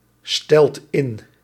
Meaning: inflection of instellen: 1. second/third-person singular present indicative 2. plural imperative
- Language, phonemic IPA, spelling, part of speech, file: Dutch, /ˈstɛlt ˈɪn/, stelt in, verb, Nl-stelt in.ogg